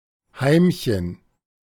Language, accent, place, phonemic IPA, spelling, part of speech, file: German, Germany, Berlin, /ˈhaɪ̯mçən/, Heimchen, noun, De-Heimchen.ogg
- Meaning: 1. house cricket 2. subservient housewife